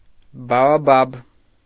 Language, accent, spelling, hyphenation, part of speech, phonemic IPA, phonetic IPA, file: Armenian, Eastern Armenian, բաոբաբ, բա‧ո‧բաբ, noun, /bɑoˈbɑb/, [bɑobɑ́b], Hy-բաոբաբ.ogg
- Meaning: baobab